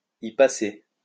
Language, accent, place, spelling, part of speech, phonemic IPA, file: French, France, Lyon, y passer, verb, /i pa.se/, LL-Q150 (fra)-y passer.wav
- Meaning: to kick the bucket